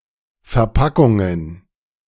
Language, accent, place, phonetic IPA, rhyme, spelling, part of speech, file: German, Germany, Berlin, [fɛɐ̯ˈpakʊŋən], -akʊŋən, Verpackungen, noun, De-Verpackungen.ogg
- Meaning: plural of Verpackung